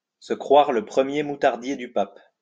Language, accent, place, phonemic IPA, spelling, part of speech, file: French, France, Lyon, /sə kʁwaʁ lə pʁə.mje mu.taʁ.dje dy pap/, se croire le premier moutardier du pape, verb, LL-Q150 (fra)-se croire le premier moutardier du pape.wav
- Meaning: to think one is God's gift to the world, to think one is the business, to be full of oneself